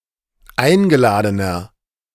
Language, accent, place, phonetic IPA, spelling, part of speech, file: German, Germany, Berlin, [ˈaɪ̯nɡəˌlaːdənɐ], eingeladener, adjective, De-eingeladener.ogg
- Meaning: inflection of eingeladen: 1. strong/mixed nominative masculine singular 2. strong genitive/dative feminine singular 3. strong genitive plural